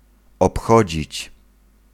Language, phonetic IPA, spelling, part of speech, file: Polish, [ɔpˈxɔd͡ʑit͡ɕ], obchodzić, verb, Pl-obchodzić.ogg